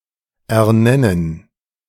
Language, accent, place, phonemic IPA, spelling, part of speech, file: German, Germany, Berlin, /ʔɛɐ̯ˈnɛnən/, ernennen, verb, De-ernennen.ogg
- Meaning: to appoint, to name, to pronounce